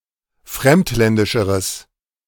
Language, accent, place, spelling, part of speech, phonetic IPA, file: German, Germany, Berlin, fremdländischeres, adjective, [ˈfʁɛmtˌlɛndɪʃəʁəs], De-fremdländischeres.ogg
- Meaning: strong/mixed nominative/accusative neuter singular comparative degree of fremdländisch